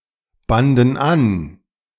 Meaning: first/third-person plural preterite of anbinden
- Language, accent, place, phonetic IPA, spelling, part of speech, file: German, Germany, Berlin, [ˌbandn̩ ˈan], banden an, verb, De-banden an.ogg